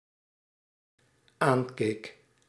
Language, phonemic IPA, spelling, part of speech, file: Dutch, /ˈaɲkek/, aankeek, verb, Nl-aankeek.ogg
- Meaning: singular dependent-clause past indicative of aankijken